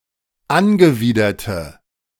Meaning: inflection of angewidert: 1. strong/mixed nominative/accusative feminine singular 2. strong nominative/accusative plural 3. weak nominative all-gender singular
- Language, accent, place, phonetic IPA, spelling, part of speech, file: German, Germany, Berlin, [ˈanɡəˌviːdɐtə], angewiderte, adjective, De-angewiderte.ogg